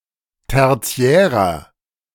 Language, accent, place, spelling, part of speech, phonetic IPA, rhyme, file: German, Germany, Berlin, tertiärer, adjective, [ˌtɛʁˈt͡si̯ɛːʁɐ], -ɛːʁɐ, De-tertiärer.ogg
- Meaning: inflection of tertiär: 1. strong/mixed nominative masculine singular 2. strong genitive/dative feminine singular 3. strong genitive plural